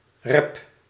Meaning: inflection of reppen: 1. first-person singular present indicative 2. second-person singular present indicative 3. imperative
- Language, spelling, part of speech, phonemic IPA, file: Dutch, rep, verb, /rɛp/, Nl-rep.ogg